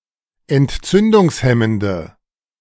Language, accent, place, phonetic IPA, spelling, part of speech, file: German, Germany, Berlin, [ɛntˈt͡sʏndʊŋsˌhɛməndə], entzündungshemmende, adjective, De-entzündungshemmende.ogg
- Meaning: inflection of entzündungshemmend: 1. strong/mixed nominative/accusative feminine singular 2. strong nominative/accusative plural 3. weak nominative all-gender singular